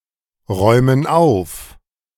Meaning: inflection of aufräumen: 1. first/third-person plural present 2. first/third-person plural subjunctive I
- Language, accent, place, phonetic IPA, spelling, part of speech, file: German, Germany, Berlin, [ˌʁɔɪ̯mən ˈaʊ̯f], räumen auf, verb, De-räumen auf.ogg